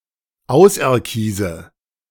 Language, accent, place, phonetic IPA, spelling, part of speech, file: German, Germany, Berlin, [ˈaʊ̯sʔɛɐ̯ˌkiːzə], auserkiese, verb, De-auserkiese.ogg
- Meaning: inflection of auserkiesen: 1. first-person singular present 2. first/third-person singular subjunctive I 3. singular imperative